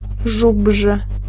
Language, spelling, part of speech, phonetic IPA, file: Polish, żubrzy, adjective, [ˈʒubʒɨ], Pl-żubrzy.ogg